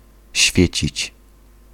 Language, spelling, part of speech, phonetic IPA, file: Polish, świecić, verb, [ˈɕfʲjɛ̇t͡ɕit͡ɕ], Pl-świecić.ogg